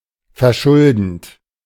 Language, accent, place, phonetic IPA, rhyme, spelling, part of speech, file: German, Germany, Berlin, [fɛɐ̯ˈʃʊldn̩t], -ʊldn̩t, verschuldend, verb, De-verschuldend.ogg
- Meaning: present participle of verschulden